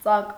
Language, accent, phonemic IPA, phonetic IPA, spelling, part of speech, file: Armenian, Eastern Armenian, /t͡sɑk/, [t͡sɑk], ծակ, noun / adjective, Hy-ծակ.ogg
- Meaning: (noun) 1. hole; opening; aperture 2. breach, gap 3. cunt, pussy, twat; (adjective) 1. having a hole, perforated, holed 2. fake, low-quality